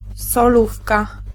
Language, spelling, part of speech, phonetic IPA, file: Polish, solówka, noun, [sɔˈlufka], Pl-solówka.ogg